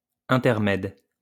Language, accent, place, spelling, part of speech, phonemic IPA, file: French, France, Lyon, intermède, noun, /ɛ̃.tɛʁ.mɛd/, LL-Q150 (fra)-intermède.wav
- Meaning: interlude